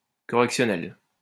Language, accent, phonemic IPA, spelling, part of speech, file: French, France, /kɔ.ʁɛk.sjɔ.nɛl/, correctionnelle, adjective / noun, LL-Q150 (fra)-correctionnelle.wav
- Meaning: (adjective) feminine of correctionnel (“correctional”); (noun) magistrates' court (tribunal correctionnel)